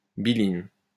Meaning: bilin
- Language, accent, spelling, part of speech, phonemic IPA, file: French, France, biline, noun, /bi.lin/, LL-Q150 (fra)-biline.wav